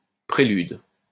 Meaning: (noun) prelude; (verb) inflection of préluder: 1. first/third-person singular present indicative/subjunctive 2. second-person singular imperative
- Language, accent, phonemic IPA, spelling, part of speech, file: French, France, /pʁe.lyd/, prélude, noun / verb, LL-Q150 (fra)-prélude.wav